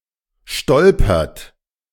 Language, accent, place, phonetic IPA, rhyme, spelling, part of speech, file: German, Germany, Berlin, [ˈʃtɔlpɐt], -ɔlpɐt, stolpert, verb, De-stolpert.ogg
- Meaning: inflection of stolpern: 1. third-person singular present 2. second-person plural present 3. plural imperative